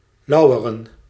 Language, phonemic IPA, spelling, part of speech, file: Dutch, /ˈlɑuwərə(n)/, lauweren, noun / verb, Nl-lauweren.ogg
- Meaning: plural of lauwer